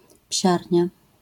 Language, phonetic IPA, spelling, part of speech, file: Polish, [ˈpʲɕarʲɲa], psiarnia, noun, LL-Q809 (pol)-psiarnia.wav